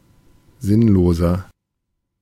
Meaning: 1. comparative degree of sinnlos 2. inflection of sinnlos: strong/mixed nominative masculine singular 3. inflection of sinnlos: strong genitive/dative feminine singular
- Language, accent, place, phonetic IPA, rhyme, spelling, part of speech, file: German, Germany, Berlin, [ˈzɪnloːzɐ], -ɪnloːzɐ, sinnloser, adjective, De-sinnloser.ogg